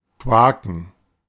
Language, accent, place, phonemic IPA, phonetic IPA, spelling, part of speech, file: German, Germany, Berlin, /ˈkvaːkən/, [ˈkʰvaːkŋ], quaken, verb, De-quaken.ogg
- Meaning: 1. to quack 2. to croak